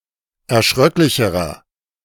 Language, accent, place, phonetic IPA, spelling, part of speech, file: German, Germany, Berlin, [ɛɐ̯ˈʃʁœklɪçəʁɐ], erschröcklicherer, adjective, De-erschröcklicherer.ogg
- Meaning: inflection of erschröcklich: 1. strong/mixed nominative masculine singular comparative degree 2. strong genitive/dative feminine singular comparative degree